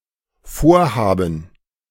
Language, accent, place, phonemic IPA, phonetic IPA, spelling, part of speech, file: German, Germany, Berlin, /ˈfoːʁˌhaːbən/, [ˈfoːɐ̯ˌhaːbm̩], Vorhaben, noun, De-Vorhaben.ogg
- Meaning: gerund of vorhaben: 1. intention, project, plan 2. ellipsis of Bauvorhaben